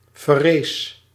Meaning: inflection of verrijzen: 1. first-person singular present indicative 2. second-person singular present indicative 3. imperative
- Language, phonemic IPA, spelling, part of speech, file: Dutch, /vɛˈrɛɪs/, verrijs, verb, Nl-verrijs.ogg